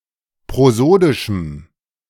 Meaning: strong dative masculine/neuter singular of prosodisch
- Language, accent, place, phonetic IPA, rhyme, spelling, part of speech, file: German, Germany, Berlin, [pʁoˈzoːdɪʃm̩], -oːdɪʃm̩, prosodischem, adjective, De-prosodischem.ogg